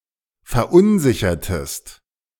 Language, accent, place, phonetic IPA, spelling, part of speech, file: German, Germany, Berlin, [fɛɐ̯ˈʔʊnˌzɪçɐtəst], verunsichertest, verb, De-verunsichertest.ogg
- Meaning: inflection of verunsichern: 1. second-person singular preterite 2. second-person singular subjunctive II